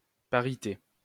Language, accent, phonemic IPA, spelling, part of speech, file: French, France, /pa.ʁi.te/, parité, noun, LL-Q150 (fra)-parité.wav
- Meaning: equality, parity